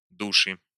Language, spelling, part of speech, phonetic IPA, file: Russian, души, noun, [ˈduʂɨ], Ru-ду́ши.ogg
- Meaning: 1. genitive singular of душа́ (dušá) 2. nominative/accusative plural of душа́ (dušá) 3. nominative/accusative plural of душ (duš)